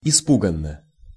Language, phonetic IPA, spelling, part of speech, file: Russian, [ɪˈspuɡən(ː)ə], испуганно, adverb, Ru-испуганно.ogg
- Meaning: frightened (in a frightened manner)